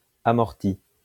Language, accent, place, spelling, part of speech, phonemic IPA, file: French, France, Lyon, amorti, noun / verb, /a.mɔʁ.ti/, LL-Q150 (fra)-amorti.wav
- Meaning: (noun) 1. bunt 2. first touch, control; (verb) past participle of amortir